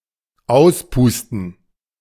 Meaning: 1. to blow out 2. to kill
- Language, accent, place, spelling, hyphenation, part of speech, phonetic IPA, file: German, Germany, Berlin, auspusten, aus‧pus‧ten, verb, [ˈaʊ̯sˌpuːstn̩], De-auspusten.ogg